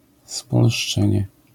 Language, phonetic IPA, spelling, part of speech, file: Polish, [spɔlʃˈt͡ʃɛ̃ɲɛ], spolszczenie, noun, LL-Q809 (pol)-spolszczenie.wav